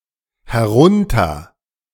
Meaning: a prefix; down-(?) (towards the speaker)
- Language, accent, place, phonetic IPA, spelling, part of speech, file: German, Germany, Berlin, [hɛˈʁʊntɐ], herunter-, prefix, De-herunter-.ogg